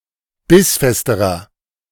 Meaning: inflection of bissfest: 1. strong/mixed nominative masculine singular comparative degree 2. strong genitive/dative feminine singular comparative degree 3. strong genitive plural comparative degree
- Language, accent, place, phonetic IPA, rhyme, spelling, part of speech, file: German, Germany, Berlin, [ˈbɪsˌfɛstəʁɐ], -ɪsfɛstəʁɐ, bissfesterer, adjective, De-bissfesterer.ogg